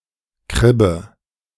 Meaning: synonym of Buhne (“groyne, breakwater”)
- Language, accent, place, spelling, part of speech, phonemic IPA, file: German, Germany, Berlin, Kribbe, noun, /ˈkʁɪbə/, De-Kribbe.ogg